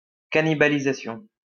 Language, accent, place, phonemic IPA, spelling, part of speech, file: French, France, Lyon, /ka.ni.ba.li.za.sjɔ̃/, cannibalisation, noun, LL-Q150 (fra)-cannibalisation.wav
- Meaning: cannibalization